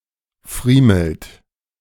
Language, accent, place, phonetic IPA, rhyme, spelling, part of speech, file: German, Germany, Berlin, [ˈfʁiːml̩t], -iːml̩t, friemelt, verb, De-friemelt.ogg
- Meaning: inflection of friemeln: 1. third-person singular present 2. second-person plural present 3. plural imperative